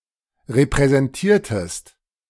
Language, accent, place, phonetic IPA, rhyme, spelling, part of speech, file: German, Germany, Berlin, [ʁepʁɛzɛnˈtiːɐ̯təst], -iːɐ̯təst, repräsentiertest, verb, De-repräsentiertest.ogg
- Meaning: inflection of repräsentieren: 1. second-person singular preterite 2. second-person singular subjunctive II